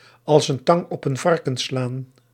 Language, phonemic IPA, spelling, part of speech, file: Dutch, /ɑls ən ˈtɑŋ ɔp ən ˈvɑr.kə(n)ˈslaːn/, als een tang op een varken slaan, verb, Nl-als een tang op een varken slaan.ogg
- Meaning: to be complete nonsense, to make no sense whatsoever